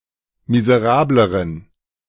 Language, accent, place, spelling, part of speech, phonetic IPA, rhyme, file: German, Germany, Berlin, miserableren, adjective, [mizəˈʁaːbləʁən], -aːbləʁən, De-miserableren.ogg
- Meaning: inflection of miserabel: 1. strong genitive masculine/neuter singular comparative degree 2. weak/mixed genitive/dative all-gender singular comparative degree